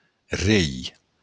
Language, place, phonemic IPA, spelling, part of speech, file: Occitan, Béarn, /rej/, rei, noun, LL-Q14185 (oci)-rei.wav
- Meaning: king